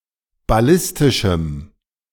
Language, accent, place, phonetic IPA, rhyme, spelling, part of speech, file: German, Germany, Berlin, [baˈlɪstɪʃm̩], -ɪstɪʃm̩, ballistischem, adjective, De-ballistischem.ogg
- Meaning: strong dative masculine/neuter singular of ballistisch